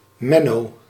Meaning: a male given name
- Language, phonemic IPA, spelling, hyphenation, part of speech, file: Dutch, /ˈmɛ.noː/, Menno, Men‧no, proper noun, Nl-Menno.ogg